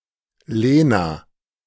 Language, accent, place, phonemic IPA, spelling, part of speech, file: German, Germany, Berlin, /ˈleːna/, Lena, proper noun, De-Lena.ogg
- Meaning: a female given name, variant of Magdalena and Helena, popular in the 1990s